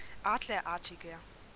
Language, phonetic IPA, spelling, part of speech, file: German, [ˈaːdlɐˌʔaʁtɪɡɐ], adlerartiger, adjective, De-adlerartiger.ogg
- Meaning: 1. comparative degree of adlerartig 2. inflection of adlerartig: strong/mixed nominative masculine singular 3. inflection of adlerartig: strong genitive/dative feminine singular